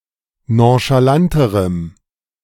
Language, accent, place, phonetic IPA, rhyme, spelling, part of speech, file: German, Germany, Berlin, [ˌnõʃaˈlantəʁəm], -antəʁəm, nonchalanterem, adjective, De-nonchalanterem.ogg
- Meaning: strong dative masculine/neuter singular comparative degree of nonchalant